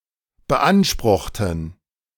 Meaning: inflection of beanspruchen: 1. first/third-person plural preterite 2. first/third-person plural subjunctive II
- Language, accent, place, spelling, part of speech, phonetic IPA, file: German, Germany, Berlin, beanspruchten, adjective / verb, [bəˈʔanʃpʁʊxtn̩], De-beanspruchten.ogg